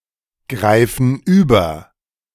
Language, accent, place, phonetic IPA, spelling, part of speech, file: German, Germany, Berlin, [ˌɡʁaɪ̯fn̩ ˈyːbɐ], greifen über, verb, De-greifen über.ogg
- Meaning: inflection of übergreifen: 1. first/third-person plural present 2. first/third-person plural subjunctive I